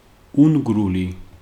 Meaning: Magyar, Hungarians
- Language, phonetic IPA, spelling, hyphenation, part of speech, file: Georgian, [uŋɡɾuli], უნგრული, უნ‧გრუ‧ლი, adjective, Ka-უნგრული.ogg